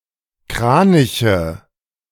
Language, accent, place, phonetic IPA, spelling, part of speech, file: German, Germany, Berlin, [ˈkʁaːnɪçə], Kraniche, noun, De-Kraniche.ogg
- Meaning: nominative/accusative/genitive plural of Kranich (bird)